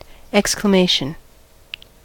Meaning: 1. A loud calling or crying out, for example as in surprise, pain, grief, joy, anger, etc 2. A word expressing outcry; an interjection 3. An exclamation mark
- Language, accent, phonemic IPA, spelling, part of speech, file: English, US, /ˌɛkskləˈmeɪʃn̩/, exclamation, noun, En-us-exclamation.ogg